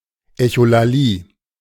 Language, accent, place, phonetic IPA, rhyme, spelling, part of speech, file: German, Germany, Berlin, [ɛçolaˈliː], -iː, Echolalie, noun, De-Echolalie.ogg
- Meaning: echolalia